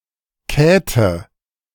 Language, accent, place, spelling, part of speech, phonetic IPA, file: German, Germany, Berlin, Käte, proper noun, [ˈkɛːtə], De-Käte.ogg
- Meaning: a diminutive of the female given name Katharina